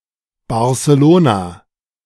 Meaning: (noun) a Barcelonian (a native or inhabitant of Barcelona); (adjective) of Barcelona
- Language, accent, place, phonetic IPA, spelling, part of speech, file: German, Germany, Berlin, [baʁseˈloːnɐ], Barceloner, noun / adjective, De-Barceloner.ogg